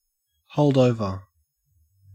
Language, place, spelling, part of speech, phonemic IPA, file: English, Queensland, hold over, noun / verb, /ˌhəʉ̯ld ˈəʉ̯.və/, En-au-hold over.ogg
- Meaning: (noun) Misspelling of holdover; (verb) 1. (Of a resource) To support or sustain someone for a limited period 2. To save, delay 3. To remain in office, possession, residency etc., beyond a certain date